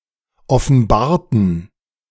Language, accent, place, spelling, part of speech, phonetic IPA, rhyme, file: German, Germany, Berlin, offenbarten, adjective / verb, [ɔfn̩ˈbaːɐ̯tn̩], -aːɐ̯tn̩, De-offenbarten.ogg
- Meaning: inflection of offenbaren: 1. first/third-person plural preterite 2. first/third-person plural subjunctive II